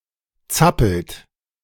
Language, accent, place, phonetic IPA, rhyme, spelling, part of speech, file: German, Germany, Berlin, [ˈt͡sapl̩t], -apl̩t, zappelt, verb, De-zappelt.ogg
- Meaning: inflection of zappeln: 1. third-person singular present 2. second-person plural present 3. plural imperative